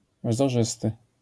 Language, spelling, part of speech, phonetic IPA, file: Polish, wzorzysty, adjective, [vzɔˈʒɨstɨ], LL-Q809 (pol)-wzorzysty.wav